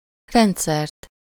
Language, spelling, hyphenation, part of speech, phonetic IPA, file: Hungarian, rendszert, rend‧szert, noun, [ˈrɛntsɛrt], Hu-rendszert.ogg
- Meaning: accusative singular of rendszer